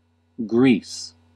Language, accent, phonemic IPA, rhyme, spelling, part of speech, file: English, US, /ɡɹiːs/, -iːs, Greece, proper noun, En-us-Greece.ogg
- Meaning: A country in Southeastern Europe. Official name: Hellenic Republic. Capital and largest city: Athens